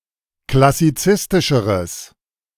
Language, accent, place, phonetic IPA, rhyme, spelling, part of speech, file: German, Germany, Berlin, [klasiˈt͡sɪstɪʃəʁəs], -ɪstɪʃəʁəs, klassizistischeres, adjective, De-klassizistischeres.ogg
- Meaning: strong/mixed nominative/accusative neuter singular comparative degree of klassizistisch